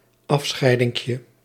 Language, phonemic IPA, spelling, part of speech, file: Dutch, /ˈɑfsxɛɪdɪŋkjə/, afscheidinkje, noun, Nl-afscheidinkje.ogg
- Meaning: diminutive of afscheiding